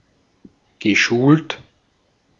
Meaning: past participle of schulen
- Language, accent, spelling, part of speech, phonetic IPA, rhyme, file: German, Austria, geschult, verb, [ɡəˈʃuːlt], -uːlt, De-at-geschult.ogg